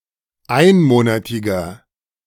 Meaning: inflection of einmonatig: 1. strong/mixed nominative masculine singular 2. strong genitive/dative feminine singular 3. strong genitive plural
- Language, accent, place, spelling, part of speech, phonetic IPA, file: German, Germany, Berlin, einmonatiger, adjective, [ˈaɪ̯nˌmoːnatɪɡɐ], De-einmonatiger.ogg